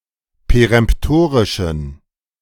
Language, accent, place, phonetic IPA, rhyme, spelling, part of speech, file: German, Germany, Berlin, [peʁɛmpˈtoːʁɪʃn̩], -oːʁɪʃn̩, peremptorischen, adjective, De-peremptorischen.ogg
- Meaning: inflection of peremptorisch: 1. strong genitive masculine/neuter singular 2. weak/mixed genitive/dative all-gender singular 3. strong/weak/mixed accusative masculine singular 4. strong dative plural